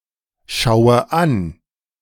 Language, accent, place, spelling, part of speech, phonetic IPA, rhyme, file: German, Germany, Berlin, Schauders, noun, [ˈʃaʊ̯dɐs], -aʊ̯dɐs, De-Schauders.ogg
- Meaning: genitive singular of Schauder